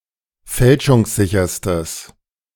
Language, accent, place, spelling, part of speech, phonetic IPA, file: German, Germany, Berlin, fälschungssicherstes, adjective, [ˈfɛlʃʊŋsˌzɪçɐstəs], De-fälschungssicherstes.ogg
- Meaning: strong/mixed nominative/accusative neuter singular superlative degree of fälschungssicher